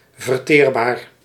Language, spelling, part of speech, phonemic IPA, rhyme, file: Dutch, verteerbaar, adjective, /vərˈteːr.baːr/, -eːrbaːr, Nl-verteerbaar.ogg
- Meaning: digestible